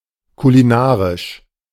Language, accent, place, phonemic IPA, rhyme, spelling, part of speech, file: German, Germany, Berlin, /kuliˈnaːʁɪʃ/, -aːʁɪʃ, kulinarisch, adjective, De-kulinarisch.ogg
- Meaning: culinary